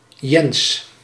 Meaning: a male given name
- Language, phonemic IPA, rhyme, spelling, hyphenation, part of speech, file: Dutch, /jɛns/, -ɛns, Jens, Jens, proper noun, Nl-Jens.ogg